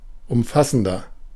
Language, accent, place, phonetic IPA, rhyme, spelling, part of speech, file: German, Germany, Berlin, [ʊmˈfasn̩dɐ], -asn̩dɐ, umfassender, adjective, De-umfassender.ogg
- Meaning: 1. comparative degree of umfassend 2. inflection of umfassend: strong/mixed nominative masculine singular 3. inflection of umfassend: strong genitive/dative feminine singular